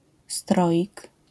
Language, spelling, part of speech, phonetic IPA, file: Polish, stroik, noun, [ˈstrɔʲik], LL-Q809 (pol)-stroik.wav